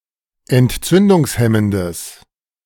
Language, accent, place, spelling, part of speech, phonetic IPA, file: German, Germany, Berlin, entzündungshemmendes, adjective, [ɛntˈt͡sʏndʊŋsˌhɛməndəs], De-entzündungshemmendes.ogg
- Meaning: strong/mixed nominative/accusative neuter singular of entzündungshemmend